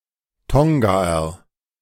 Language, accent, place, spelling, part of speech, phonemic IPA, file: German, Germany, Berlin, Tongaer, noun, /ˈtɔŋɡaːɐ/, De-Tongaer.ogg
- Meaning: Tongan (person)